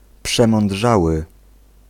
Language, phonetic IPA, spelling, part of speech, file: Polish, [ˌpʃɛ̃mɔ̃nˈḍʒawɨ], przemądrzały, adjective, Pl-przemądrzały.ogg